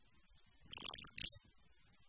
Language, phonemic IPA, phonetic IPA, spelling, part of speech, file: Tamil, /nɑːɖɯ/, [näːɖɯ], நாடு, noun / verb, Ta-நாடு.oga
- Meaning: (noun) 1. country, kingdom, nation 2. district, province, locality, situation 3. earth, land, world 4. side, region, quarter 5. rural tracts, as opposed to urban ones